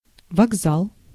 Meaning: station, terminal (with a building for passenger facilities)
- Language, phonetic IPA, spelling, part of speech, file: Russian, [vɐɡˈzaɫ], вокзал, noun, Ru-вокзал.ogg